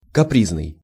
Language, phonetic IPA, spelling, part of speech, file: Russian, [kɐˈprʲiznɨj], капризный, adjective, Ru-капризный.ogg
- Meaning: 1. capricious, fickle, fretful 2. uncertain